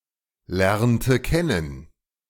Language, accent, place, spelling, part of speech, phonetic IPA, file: German, Germany, Berlin, lernte kennen, verb, [ˌlɛʁntə ˈkɛnən], De-lernte kennen.ogg
- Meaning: inflection of kennen lernen: 1. first/third-person singular preterite 2. first/third-person singular subjunctive II